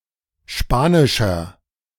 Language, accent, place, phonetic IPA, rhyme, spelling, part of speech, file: German, Germany, Berlin, [ˈʃpaːnɪʃɐ], -aːnɪʃɐ, spanischer, adjective, De-spanischer.ogg
- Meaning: inflection of spanisch: 1. strong/mixed nominative masculine singular 2. strong genitive/dative feminine singular 3. strong genitive plural